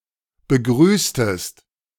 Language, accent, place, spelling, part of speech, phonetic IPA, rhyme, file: German, Germany, Berlin, begrüßtest, verb, [bəˈɡʁyːstəst], -yːstəst, De-begrüßtest.ogg
- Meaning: inflection of begrüßen: 1. second-person singular preterite 2. second-person singular subjunctive II